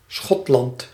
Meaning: Scotland (a constituent country of the United Kingdom)
- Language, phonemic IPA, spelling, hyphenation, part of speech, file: Dutch, /ˈsxɔt.lɑnt/, Schotland, Schot‧land, proper noun, Nl-Schotland.ogg